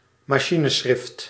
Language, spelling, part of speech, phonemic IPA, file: Dutch, machineschrift, noun, /mɑˈʃinəˌsxrɪft/, Nl-machineschrift.ogg
- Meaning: typescript